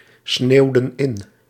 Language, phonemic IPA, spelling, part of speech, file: Dutch, /ˈsnewdə(n) ˈɪn/, sneeuwden in, verb, Nl-sneeuwden in.ogg
- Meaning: inflection of insneeuwen: 1. plural past indicative 2. plural past subjunctive